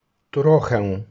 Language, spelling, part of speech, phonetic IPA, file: Polish, trochę, numeral / adverb / noun, [ˈtrɔxɛ], Pl-trochę .ogg